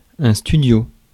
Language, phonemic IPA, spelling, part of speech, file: French, /sty.djo/, studio, noun, Fr-studio.ogg
- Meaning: 1. studio (artist's workshop, recording studio, one-room apartment, etc.) 2. pied-à-terre, garçonnière